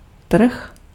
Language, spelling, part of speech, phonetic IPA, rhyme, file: Czech, trh, noun, [ˈtr̩x], -r̩x, Cs-trh.ogg
- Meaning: market